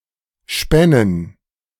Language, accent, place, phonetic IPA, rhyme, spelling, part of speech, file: German, Germany, Berlin, [ˈʃpɛnən], -ɛnən, spännen, verb, De-spännen.ogg
- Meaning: first/third-person plural subjunctive II of spinnen